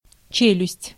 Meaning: 1. jaw (bone of the jaw) 2. jowl
- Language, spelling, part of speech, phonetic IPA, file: Russian, челюсть, noun, [ˈt͡ɕelʲʉsʲtʲ], Ru-челюсть.ogg